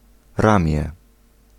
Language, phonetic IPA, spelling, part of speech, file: Polish, [ˈrãmʲjɛ], ramię, noun, Pl-ramię.ogg